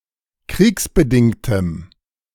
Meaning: strong dative masculine/neuter singular of kriegsbedingt
- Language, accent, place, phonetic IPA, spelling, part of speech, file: German, Germany, Berlin, [ˈkʁiːksbəˌdɪŋtəm], kriegsbedingtem, adjective, De-kriegsbedingtem.ogg